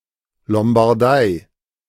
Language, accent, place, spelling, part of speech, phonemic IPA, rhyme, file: German, Germany, Berlin, Lombardei, proper noun, /ˌlɔmbaʁˈdaɪ̯/, -aɪ̯, De-Lombardei.ogg
- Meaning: Lombardy (an administrative region in northern Italy, where its capital and the largest city Milan is founded in the Po Valley)